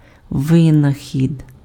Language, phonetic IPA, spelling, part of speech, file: Ukrainian, [ˈʋɪnɐxʲid], винахід, noun, Uk-винахід.ogg
- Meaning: invention (something invented)